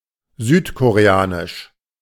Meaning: South Korean (of, from or relating to South Korean)
- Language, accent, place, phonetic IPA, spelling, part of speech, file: German, Germany, Berlin, [ˈzyːtkoʁeˌaːnɪʃ], südkoreanisch, adjective, De-südkoreanisch.ogg